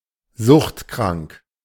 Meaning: suffering from an addiction disorder
- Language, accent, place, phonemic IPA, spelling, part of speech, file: German, Germany, Berlin, /ˈzʊχtˌkʁaŋk/, suchtkrank, adjective, De-suchtkrank.ogg